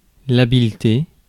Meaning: 1. capacity of doing something well with hands; dexterity 2. skill, capacity to do a task well, not necessarily manual work
- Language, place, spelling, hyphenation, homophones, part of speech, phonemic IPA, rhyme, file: French, Paris, habileté, ha‧bile‧té, habiletés, noun, /a.bil.te/, -e, Fr-habileté.ogg